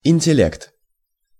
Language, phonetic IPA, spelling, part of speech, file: Russian, [ɪnʲtʲɪˈlʲekt], интеллект, noun, Ru-интеллект.ogg
- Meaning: brain, intellect, intelligence, mentality, nous, pate, reason